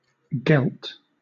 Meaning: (noun) 1. A lunatic 2. Gilding; gilt; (verb) simple past and past participle of geld; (noun) 1. A gelding 2. Money 3. Tribute; tax
- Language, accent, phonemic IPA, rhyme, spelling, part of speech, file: English, Southern England, /ɡɛlt/, -ɛlt, gelt, noun / verb, LL-Q1860 (eng)-gelt.wav